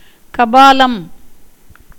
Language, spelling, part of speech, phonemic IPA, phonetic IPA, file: Tamil, கபாலம், noun, /kɐbɑːlɐm/, [kɐbäːlɐm], Ta-கபாலம்.ogg
- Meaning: 1. skull, cranium 2. beggar's bowl